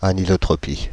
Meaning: anisotropy
- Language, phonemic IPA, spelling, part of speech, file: French, /a.ni.zo.tʁɔ.pi/, anisotropie, noun, Fr-anisotropie.ogg